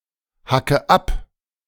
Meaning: inflection of abhacken: 1. first-person singular present 2. first/third-person singular subjunctive I 3. singular imperative
- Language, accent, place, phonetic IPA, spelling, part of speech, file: German, Germany, Berlin, [ˌhakə ˈap], hacke ab, verb, De-hacke ab.ogg